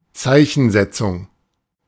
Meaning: punctuation
- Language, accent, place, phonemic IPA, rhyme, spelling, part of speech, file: German, Germany, Berlin, /ˈtsaɪ̯çənˌzɛtsʊŋ/, -ɛt͡sʊŋ, Zeichensetzung, noun, De-Zeichensetzung.ogg